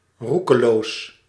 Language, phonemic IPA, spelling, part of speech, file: Dutch, /ˈru.kəˌloːs/, roekeloos, adjective, Nl-roekeloos.ogg
- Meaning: reckless